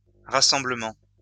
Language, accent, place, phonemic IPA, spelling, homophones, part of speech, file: French, France, Lyon, /ʁa.sɑ̃.blə.mɑ̃/, rassemblements, rassemblement, noun, LL-Q150 (fra)-rassemblements.wav
- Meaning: plural of rassemblement